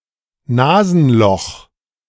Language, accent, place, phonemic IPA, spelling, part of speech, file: German, Germany, Berlin, /ˈnaːzənˌlɔχ/, Nasenloch, noun, De-Nasenloch.ogg
- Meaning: nostril (either of the two orifices located on the nose)